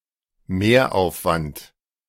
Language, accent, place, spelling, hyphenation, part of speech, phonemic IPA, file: German, Germany, Berlin, Mehraufwand, Mehr‧auf‧wand, noun, /ˈmeːɐ̯ʔaʊ̯fˌvant/, De-Mehraufwand.ogg
- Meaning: additional expense